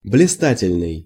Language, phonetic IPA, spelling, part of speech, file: Russian, [blʲɪˈstatʲɪlʲnɨj], блистательный, adjective, Ru-блистательный.ogg
- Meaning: brilliant, splendid, magnificent